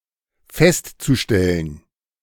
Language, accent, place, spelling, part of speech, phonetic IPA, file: German, Germany, Berlin, festzustellen, verb, [ˈfɛstt͡suˌʃtɛlən], De-festzustellen.ogg
- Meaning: zu-infinitive of feststellen